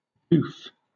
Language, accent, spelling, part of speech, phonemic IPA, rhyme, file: English, Southern England, doof, noun, /duːf/, -uːf, LL-Q1860 (eng)-doof.wav
- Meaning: A simpleton